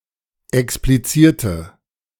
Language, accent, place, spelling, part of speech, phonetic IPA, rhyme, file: German, Germany, Berlin, explizierte, adjective / verb, [ɛkspliˈt͡siːɐ̯tə], -iːɐ̯tə, De-explizierte.ogg
- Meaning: inflection of explizieren: 1. first/third-person singular preterite 2. first/third-person singular subjunctive II